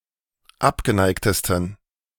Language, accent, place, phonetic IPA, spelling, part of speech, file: German, Germany, Berlin, [ˈapɡəˌnaɪ̯ktəstn̩], abgeneigtesten, adjective, De-abgeneigtesten.ogg
- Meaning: 1. superlative degree of abgeneigt 2. inflection of abgeneigt: strong genitive masculine/neuter singular superlative degree